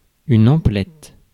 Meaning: purchase
- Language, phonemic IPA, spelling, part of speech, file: French, /ɑ̃.plɛt/, emplette, noun, Fr-emplette.ogg